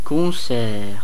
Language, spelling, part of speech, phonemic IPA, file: French, concert, noun, /kɔ̃.sɛʁ/, Fr-Concert.ogg
- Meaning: concert (musical entertainment)